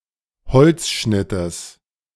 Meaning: genitive singular of Holzschnitt
- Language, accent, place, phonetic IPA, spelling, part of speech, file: German, Germany, Berlin, [ˈhɔlt͡sˌʃnɪtəs], Holzschnittes, noun, De-Holzschnittes.ogg